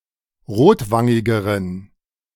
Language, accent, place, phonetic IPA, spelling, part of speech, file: German, Germany, Berlin, [ˈʁoːtˌvaŋɪɡəʁən], rotwangigeren, adjective, De-rotwangigeren.ogg
- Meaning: inflection of rotwangig: 1. strong genitive masculine/neuter singular comparative degree 2. weak/mixed genitive/dative all-gender singular comparative degree